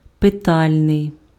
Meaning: interrogative
- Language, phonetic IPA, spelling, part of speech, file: Ukrainian, [peˈtalʲnei̯], питальний, adjective, Uk-питальний.ogg